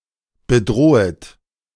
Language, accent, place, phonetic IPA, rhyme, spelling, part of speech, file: German, Germany, Berlin, [bəˈdʁoːət], -oːət, bedrohet, verb, De-bedrohet.ogg
- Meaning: second-person plural subjunctive I of bedrohen